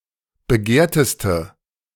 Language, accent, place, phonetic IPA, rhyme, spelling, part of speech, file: German, Germany, Berlin, [bəˈɡeːɐ̯təstə], -eːɐ̯təstə, begehrteste, adjective, De-begehrteste.ogg
- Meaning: inflection of begehrt: 1. strong/mixed nominative/accusative feminine singular superlative degree 2. strong nominative/accusative plural superlative degree